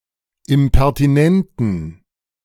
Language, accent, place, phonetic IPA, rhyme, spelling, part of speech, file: German, Germany, Berlin, [ɪmpɛʁtiˈnɛntn̩], -ɛntn̩, impertinenten, adjective, De-impertinenten.ogg
- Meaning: inflection of impertinent: 1. strong genitive masculine/neuter singular 2. weak/mixed genitive/dative all-gender singular 3. strong/weak/mixed accusative masculine singular 4. strong dative plural